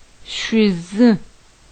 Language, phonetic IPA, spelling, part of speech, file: Adyghe, [ʂʷəzə], шъуз, noun, Ʃʷəz.ogg
- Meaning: 1. wife 2. woman